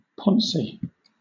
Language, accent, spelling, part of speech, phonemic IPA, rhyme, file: English, Southern England, poncy, adjective, /ˈpɒnsi/, -ɒnsi, LL-Q1860 (eng)-poncy.wav
- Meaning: Of, relating to, or characteristic of a ponce.: Intended to impress others, particularly in an excessively refined or ostentatious manner; affected, pretentious